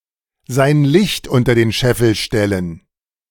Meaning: to hide one's light under a bushel
- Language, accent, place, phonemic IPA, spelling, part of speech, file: German, Germany, Berlin, /zaɪ̯n lɪçt ˈʊntɐ deːn ˈʃɛfl̩ ˈʃtɛlən/, sein Licht unter den Scheffel stellen, verb, De-sein Licht unter den Scheffel stellen.ogg